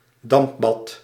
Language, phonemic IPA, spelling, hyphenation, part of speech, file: Dutch, /ˈdɑmp.bɑt/, dampbad, damp‧bad, noun, Nl-dampbad.ogg
- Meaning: steam bath, sauna